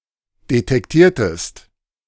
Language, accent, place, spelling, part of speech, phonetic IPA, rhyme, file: German, Germany, Berlin, detektiertest, verb, [detɛkˈtiːɐ̯təst], -iːɐ̯təst, De-detektiertest.ogg
- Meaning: inflection of detektieren: 1. second-person singular preterite 2. second-person singular subjunctive II